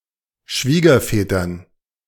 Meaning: dative plural of Schwiegervater
- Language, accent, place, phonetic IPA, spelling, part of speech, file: German, Germany, Berlin, [ˈʃviːɡɐfɛːtɐn], Schwiegervätern, noun, De-Schwiegervätern.ogg